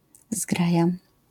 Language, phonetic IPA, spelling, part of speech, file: Polish, [ˈzɡraja], zgraja, noun, LL-Q809 (pol)-zgraja.wav